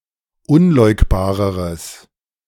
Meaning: strong/mixed nominative/accusative neuter singular comparative degree of unleugbar
- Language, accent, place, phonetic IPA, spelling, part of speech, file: German, Germany, Berlin, [ˈʊnˌlɔɪ̯kbaːʁəʁəs], unleugbareres, adjective, De-unleugbareres.ogg